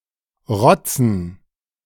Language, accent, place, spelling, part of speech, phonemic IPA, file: German, Germany, Berlin, rotzen, verb, /ˈʁɔtsən/, De-rotzen.ogg
- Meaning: 1. to blow one's nose noisily 2. to sniff up snot through the nose (and spit it out), to gob 3. to spit (on the pavement etc.)